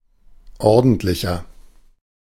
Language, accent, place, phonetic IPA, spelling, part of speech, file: German, Germany, Berlin, [ˈɔʁdn̩tlɪçɐ], ordentlicher, adjective, De-ordentlicher.ogg
- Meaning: 1. comparative degree of ordentlich 2. inflection of ordentlich: strong/mixed nominative masculine singular 3. inflection of ordentlich: strong genitive/dative feminine singular